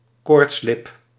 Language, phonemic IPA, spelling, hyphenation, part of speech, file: Dutch, /ˈkoːrtsˌlɪp/, koortslip, koorts‧lip, noun, Nl-koortslip.ogg
- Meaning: herpes labialis, cold sores developed around the lips or nose